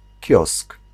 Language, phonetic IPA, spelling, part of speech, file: Polish, [cɔsk], kiosk, noun, Pl-kiosk.ogg